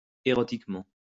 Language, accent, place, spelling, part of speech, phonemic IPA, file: French, France, Lyon, érotiquement, adverb, /e.ʁɔ.tik.mɑ̃/, LL-Q150 (fra)-érotiquement.wav
- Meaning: erotically